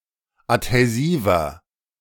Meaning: inflection of adhäsiv: 1. strong/mixed nominative masculine singular 2. strong genitive/dative feminine singular 3. strong genitive plural
- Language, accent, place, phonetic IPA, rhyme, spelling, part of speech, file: German, Germany, Berlin, [athɛˈziːvɐ], -iːvɐ, adhäsiver, adjective, De-adhäsiver.ogg